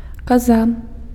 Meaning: goat
- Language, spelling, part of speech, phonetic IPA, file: Belarusian, каза, noun, [kaˈza], Be-каза.ogg